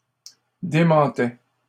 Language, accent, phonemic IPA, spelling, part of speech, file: French, Canada, /de.mɑ̃.tɛ/, démentaient, verb, LL-Q150 (fra)-démentaient.wav
- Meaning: third-person plural imperfect indicative of démentir